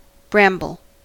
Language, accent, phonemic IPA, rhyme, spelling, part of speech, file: English, US, /ˈbɹæm.bəl/, -æmbəl, bramble, noun / verb, En-us-bramble.ogg
- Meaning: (noun) 1. Any of many closely related thorny plants in the genus Rubus including the blackberry and likely not including the raspberry proper 2. Any thorny shrub